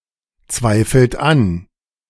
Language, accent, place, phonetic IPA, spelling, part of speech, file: German, Germany, Berlin, [ˌt͡svaɪ̯fl̩t ˈan], zweifelt an, verb, De-zweifelt an.ogg
- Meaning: inflection of anzweifeln: 1. third-person singular present 2. second-person plural present 3. plural imperative